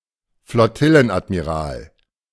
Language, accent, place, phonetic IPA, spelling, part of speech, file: German, Germany, Berlin, [flɔˈtɪlənʔatmiˌʁaːl], Flottillenadmiral, noun, De-Flottillenadmiral.ogg
- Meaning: commodore, flotilla admiral (a person holding the lowest flag rank in the modern German navy)